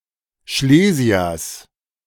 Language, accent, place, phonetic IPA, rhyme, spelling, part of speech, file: German, Germany, Berlin, [ˈʃleːzi̯ɐs], -eːzi̯ɐs, Schlesiers, noun, De-Schlesiers.ogg
- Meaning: genitive of Schlesier